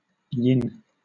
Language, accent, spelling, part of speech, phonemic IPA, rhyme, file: English, Southern England, yin, noun / numeral, /jɪn/, -ɪn, LL-Q1860 (eng)-yin.wav
- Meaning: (noun) A principle in Chinese and related East Asian philosophies associated with dark, cool, female, etc. elements of the natural world